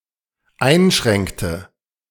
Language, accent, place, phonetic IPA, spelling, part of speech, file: German, Germany, Berlin, [ˈaɪ̯nˌʃʁɛŋktə], einschränkte, verb, De-einschränkte.ogg
- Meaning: inflection of einschränken: 1. first/third-person singular dependent preterite 2. first/third-person singular dependent subjunctive II